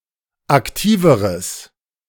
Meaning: strong/mixed nominative/accusative neuter singular comparative degree of aktiv
- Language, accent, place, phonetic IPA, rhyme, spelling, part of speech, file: German, Germany, Berlin, [akˈtiːvəʁəs], -iːvəʁəs, aktiveres, adjective, De-aktiveres.ogg